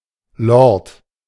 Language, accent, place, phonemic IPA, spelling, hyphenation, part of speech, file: German, Germany, Berlin, /lɔrt/, Lord, Lord, noun, De-Lord.ogg
- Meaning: lord, Lord (British nobleman)